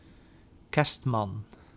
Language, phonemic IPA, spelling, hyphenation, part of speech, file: Dutch, /ˈkɛrst.mɑn/, kerstman, kerst‧man, noun, Nl-kerstman.ogg
- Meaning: Father Christmas, Santa Claus